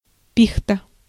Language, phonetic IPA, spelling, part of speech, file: Russian, [ˈpʲixtə], пихта, noun, Ru-пихта.ogg
- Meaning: fir